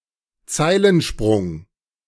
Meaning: enjambment
- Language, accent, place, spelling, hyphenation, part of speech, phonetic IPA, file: German, Germany, Berlin, Zeilensprung, Zei‧len‧sprung, noun, [ˈt͡saɪ̯lənˌʃpʁʊŋ], De-Zeilensprung.ogg